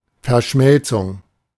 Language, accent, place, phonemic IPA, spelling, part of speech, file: German, Germany, Berlin, /fɛɐ̯ˈʃmɛlt͡sʊŋ/, Verschmelzung, noun, De-Verschmelzung.ogg
- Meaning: 1. merger, amalgamation 2. fusion 3. contraction